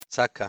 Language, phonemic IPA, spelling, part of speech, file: Pashto, /t͡səka/, څکه, noun, څکه.oga
- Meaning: a taste